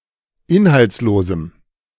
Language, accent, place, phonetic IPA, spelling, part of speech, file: German, Germany, Berlin, [ˈɪnhalt͡sˌloːzm̩], inhaltslosem, adjective, De-inhaltslosem.ogg
- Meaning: strong dative masculine/neuter singular of inhaltslos